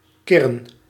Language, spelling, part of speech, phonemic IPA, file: Dutch, kirren, verb, /ˈkɪrə(n)/, Nl-kirren.ogg
- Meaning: to coo like a pigeon, speak in a soft and low voice